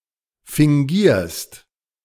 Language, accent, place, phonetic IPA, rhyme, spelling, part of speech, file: German, Germany, Berlin, [fɪŋˈɡiːɐ̯st], -iːɐ̯st, fingierst, verb, De-fingierst.ogg
- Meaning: second-person singular present of fingieren